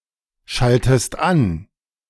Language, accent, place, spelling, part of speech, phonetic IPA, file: German, Germany, Berlin, schaltest an, verb, [ˌʃaltəst ˈan], De-schaltest an.ogg
- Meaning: inflection of anschalten: 1. second-person singular present 2. second-person singular subjunctive I